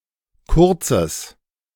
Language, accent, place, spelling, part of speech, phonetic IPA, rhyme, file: German, Germany, Berlin, kurzes, adjective, [ˈkʊʁt͡səs], -ʊʁt͡səs, De-kurzes.ogg
- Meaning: strong/mixed nominative/accusative neuter singular of kurz